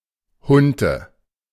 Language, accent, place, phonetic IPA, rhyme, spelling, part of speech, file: German, Germany, Berlin, [ˈhʊntə], -ʊntə, Hunte, proper noun, De-Hunte.ogg
- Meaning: plural of Hunt